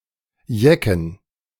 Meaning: plural of Jeck
- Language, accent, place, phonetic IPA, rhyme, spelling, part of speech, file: German, Germany, Berlin, [ˈjɛkn̩], -ɛkn̩, Jecken, noun, De-Jecken.ogg